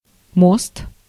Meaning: 1. bridge 2. bridge (a prosthesis replacing one or several adjacent teeth) 3. axle 4. backbend
- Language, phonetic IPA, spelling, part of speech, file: Russian, [most], мост, noun, Ru-мост.ogg